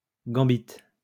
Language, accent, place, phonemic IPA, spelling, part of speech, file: French, France, Lyon, /ɡɑ̃.bit/, gambit, noun, LL-Q150 (fra)-gambit.wav
- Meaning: gambit